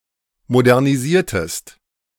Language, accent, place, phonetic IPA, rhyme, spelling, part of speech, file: German, Germany, Berlin, [modɛʁniˈziːɐ̯təst], -iːɐ̯təst, modernisiertest, verb, De-modernisiertest.ogg
- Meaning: inflection of modernisieren: 1. second-person singular preterite 2. second-person singular subjunctive II